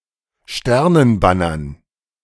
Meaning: dative plural of Sternenbanner
- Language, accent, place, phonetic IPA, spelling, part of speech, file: German, Germany, Berlin, [ˈʃtɛʁnənˌbanɐn], Sternenbannern, noun, De-Sternenbannern.ogg